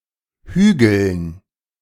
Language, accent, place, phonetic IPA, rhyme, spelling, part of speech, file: German, Germany, Berlin, [ˈhyːɡl̩n], -yːɡl̩n, Hügeln, noun, De-Hügeln.ogg
- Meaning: dative plural of Hügel